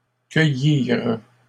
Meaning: third-person plural past historic of cueillir
- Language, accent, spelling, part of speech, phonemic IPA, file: French, Canada, cueillirent, verb, /kœ.jiʁ/, LL-Q150 (fra)-cueillirent.wav